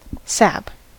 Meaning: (noun) 1. The juice of plants of any kind, especially the ascending and descending juices or circulating fluid essential to nutrition 2. The sapwood, or alburnum, of a tree 3. Any juice 4. Vitality
- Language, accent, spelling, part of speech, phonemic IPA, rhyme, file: English, US, sap, noun / verb, /sæp/, -æp, En-us-sap.ogg